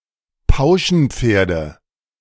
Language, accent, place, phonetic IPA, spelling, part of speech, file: German, Germany, Berlin, [ˈpaʊ̯ʃn̩ˌp͡feːɐ̯də], Pauschenpferde, noun, De-Pauschenpferde.ogg
- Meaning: nominative/accusative/genitive plural of Pauschenpferd